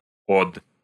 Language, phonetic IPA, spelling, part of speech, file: Russian, [ot], од, noun, Ru-од.ogg
- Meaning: genitive plural of о́да (óda)